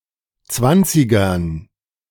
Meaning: dative plural of Zwanziger
- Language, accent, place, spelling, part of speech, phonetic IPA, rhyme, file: German, Germany, Berlin, Zwanzigern, noun, [ˈt͡svant͡sɪɡɐn], -ant͡sɪɡɐn, De-Zwanzigern.ogg